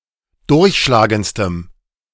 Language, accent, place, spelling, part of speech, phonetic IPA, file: German, Germany, Berlin, durchschlagendstem, adjective, [ˈdʊʁçʃlaːɡənt͡stəm], De-durchschlagendstem.ogg
- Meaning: strong dative masculine/neuter singular superlative degree of durchschlagend